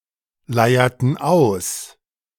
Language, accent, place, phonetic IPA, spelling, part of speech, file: German, Germany, Berlin, [ˌlaɪ̯ɐtn̩ ˈaʊ̯s], leierten aus, verb, De-leierten aus.ogg
- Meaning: inflection of ausleiern: 1. first/third-person plural preterite 2. first/third-person plural subjunctive II